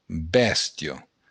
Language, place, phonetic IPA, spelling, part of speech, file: Occitan, Béarn, [ˈbɛst.jo], bèstia, noun, LL-Q14185 (oci)-bèstia.wav
- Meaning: beast, animal